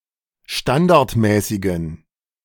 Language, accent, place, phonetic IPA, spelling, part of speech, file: German, Germany, Berlin, [ˈʃtandaʁtˌmɛːsɪɡn̩], standardmäßigen, adjective, De-standardmäßigen.ogg
- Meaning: inflection of standardmäßig: 1. strong genitive masculine/neuter singular 2. weak/mixed genitive/dative all-gender singular 3. strong/weak/mixed accusative masculine singular 4. strong dative plural